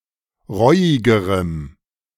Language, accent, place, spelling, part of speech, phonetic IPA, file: German, Germany, Berlin, reuigerem, adjective, [ˈʁɔɪ̯ɪɡəʁəm], De-reuigerem.ogg
- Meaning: strong dative masculine/neuter singular comparative degree of reuig